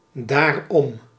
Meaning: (adverb) 1. pronominal adverb form of om + dat 2. therefore, so, that's why 3. thereby, because of that; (interjection) exactly, right, spot on
- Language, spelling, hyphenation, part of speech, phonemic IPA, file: Dutch, daarom, daar‧om, adverb / interjection, /daː.rˈɔm/, Nl-daarom.ogg